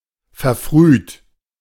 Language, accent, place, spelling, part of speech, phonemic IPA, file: German, Germany, Berlin, verfrüht, verb / adjective, /fɛɐ̯ˈfʁyːt/, De-verfrüht.ogg
- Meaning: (verb) past participle of verfrühen; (adjective) early